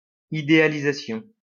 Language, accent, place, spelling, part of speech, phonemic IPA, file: French, France, Lyon, idéalisation, noun, /i.de.a.li.za.sjɔ̃/, LL-Q150 (fra)-idéalisation.wav
- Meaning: idealization